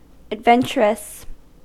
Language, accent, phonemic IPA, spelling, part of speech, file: English, US, /ædˈvɛn.t͡ʃɚ.əs/, adventurous, adjective, En-us-adventurous.ogg
- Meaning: 1. Inclined to adventure; willing to take risks; prone to embark on hazardous enterprises; daring 2. Full of risks; risky; liable to be in danger; requiring courage; rash